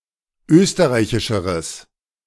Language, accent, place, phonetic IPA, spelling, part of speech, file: German, Germany, Berlin, [ˈøːstəʁaɪ̯çɪʃəʁəs], österreichischeres, adjective, De-österreichischeres.ogg
- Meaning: strong/mixed nominative/accusative neuter singular comparative degree of österreichisch